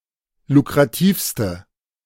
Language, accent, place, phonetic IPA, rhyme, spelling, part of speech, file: German, Germany, Berlin, [lukʁaˈtiːfstə], -iːfstə, lukrativste, adjective, De-lukrativste.ogg
- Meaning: inflection of lukrativ: 1. strong/mixed nominative/accusative feminine singular superlative degree 2. strong nominative/accusative plural superlative degree